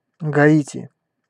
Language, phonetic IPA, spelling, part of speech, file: Russian, [ɡɐˈitʲɪ], Гаити, proper noun, Ru-Гаити.ogg
- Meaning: Haiti (a country in the Caribbean)